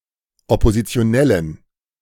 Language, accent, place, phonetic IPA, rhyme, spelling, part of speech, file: German, Germany, Berlin, [ɔpozit͡si̯oˈnɛlən], -ɛlən, Oppositionellen, noun, De-Oppositionellen.ogg
- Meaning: dative plural of Oppositionelle